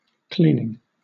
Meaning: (noun) 1. The process of making something clean; a freeing from filth or dirt 2. The afterbirth of cows, ewes, etc; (verb) present participle and gerund of clean
- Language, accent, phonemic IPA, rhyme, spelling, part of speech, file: English, Southern England, /ˈkliːnɪŋ/, -iːnɪŋ, cleaning, noun / verb, LL-Q1860 (eng)-cleaning.wav